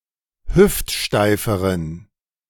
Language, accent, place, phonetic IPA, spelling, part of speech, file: German, Germany, Berlin, [ˈhʏftˌʃtaɪ̯fəʁən], hüftsteiferen, adjective, De-hüftsteiferen.ogg
- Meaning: inflection of hüftsteif: 1. strong genitive masculine/neuter singular comparative degree 2. weak/mixed genitive/dative all-gender singular comparative degree